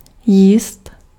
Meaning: to eat
- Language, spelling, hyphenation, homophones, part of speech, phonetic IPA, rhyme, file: Czech, jíst, jíst, jízd, verb, [ˈjiːst], -iːst, Cs-jíst.ogg